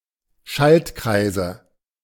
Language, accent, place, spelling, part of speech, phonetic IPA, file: German, Germany, Berlin, Schaltkreise, noun, [ˈʃaltˌkʁaɪ̯zə], De-Schaltkreise.ogg
- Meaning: nominative/accusative/genitive plural of Schaltkreis